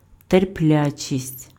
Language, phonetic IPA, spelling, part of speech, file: Ukrainian, [terˈplʲat͡ʃʲisʲtʲ], терплячість, noun, Uk-терплячість.ogg
- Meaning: patience